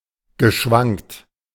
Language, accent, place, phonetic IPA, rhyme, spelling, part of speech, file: German, Germany, Berlin, [ɡəˈʃvaŋkt], -aŋkt, geschwankt, verb, De-geschwankt.ogg
- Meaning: past participle of schwanken